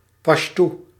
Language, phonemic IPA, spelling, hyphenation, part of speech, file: Dutch, /ˈpɑʃtu/, Pasjtoe, Pasj‧toe, proper noun, Nl-Pasjtoe.ogg
- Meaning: Pashto